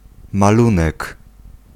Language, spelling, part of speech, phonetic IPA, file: Polish, malunek, noun, [maˈlũnɛk], Pl-malunek.ogg